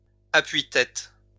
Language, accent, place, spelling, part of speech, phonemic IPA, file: French, France, Lyon, appui-têtes, noun, /a.pɥi.tɛt/, LL-Q150 (fra)-appui-têtes.wav
- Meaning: plural of appui-tête